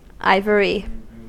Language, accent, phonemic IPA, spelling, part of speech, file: English, US, /ˈaɪv(ə)ɹi/, ivory, noun / adjective, En-us-ivory.ogg
- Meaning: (noun) 1. The hard white form of dentin which forms the tusks of elephants, walruses and other animals 2. A creamy white color, the color of ivory 3. Something made from or resembling ivory